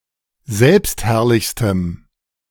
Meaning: strong dative masculine/neuter singular superlative degree of selbstherrlich
- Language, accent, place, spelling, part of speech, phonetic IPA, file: German, Germany, Berlin, selbstherrlichstem, adjective, [ˈzɛlpstˌhɛʁlɪçstəm], De-selbstherrlichstem.ogg